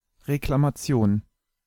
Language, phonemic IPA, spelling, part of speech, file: German, /ʁeklamaˈtsi̯oːn/, Reklamation, noun, De-Reklamation.ogg
- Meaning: consumer complaint, customer complaint, complaint, claim (a grievance, problem, difficulty, or concern; the act of complaining)